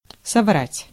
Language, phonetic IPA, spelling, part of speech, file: Russian, [sɐˈvratʲ], соврать, verb, Ru-соврать.ogg
- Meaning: 1. to lie 2. to make a mistake 3. to be inaccurate